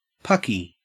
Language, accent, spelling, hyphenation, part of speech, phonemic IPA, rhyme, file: English, Australia, pucky, puck‧y, noun, /ˈpʌki/, -ʌki, En-au-pucky.ogg
- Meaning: Feces, excrement